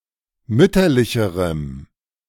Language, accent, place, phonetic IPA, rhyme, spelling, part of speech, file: German, Germany, Berlin, [ˈmʏtɐlɪçəʁəm], -ʏtɐlɪçəʁəm, mütterlicherem, adjective, De-mütterlicherem.ogg
- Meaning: strong dative masculine/neuter singular comparative degree of mütterlich